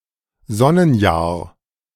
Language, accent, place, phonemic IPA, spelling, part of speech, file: German, Germany, Berlin, /ˈzɔnənˌjaːɐ̯/, Sonnenjahr, noun, De-Sonnenjahr.ogg
- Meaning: solar year